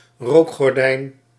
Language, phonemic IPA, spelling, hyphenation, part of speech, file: Dutch, /ˈroːk.xɔrˌdɛi̯n/, rookgordijn, rook‧gor‧dijn, noun, Nl-rookgordijn.ogg
- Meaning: smokescreen